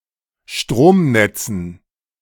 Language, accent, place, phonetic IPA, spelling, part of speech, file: German, Germany, Berlin, [ˈʃtʁoːmˌnɛt͡sn̩], Stromnetzen, noun, De-Stromnetzen.ogg
- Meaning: dative plural of Stromnetz